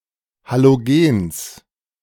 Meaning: genitive singular of Halogen
- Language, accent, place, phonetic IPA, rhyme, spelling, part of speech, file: German, Germany, Berlin, [ˌhaloˈɡeːns], -eːns, Halogens, noun, De-Halogens.ogg